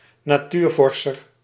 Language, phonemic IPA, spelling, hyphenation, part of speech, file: Dutch, /naːˈtyːrˌvɔr.sər/, natuurvorser, na‧tuur‧vor‧ser, noun, Nl-natuurvorser.ogg
- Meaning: naturalist, natural scientist (person who studies nature or natural history)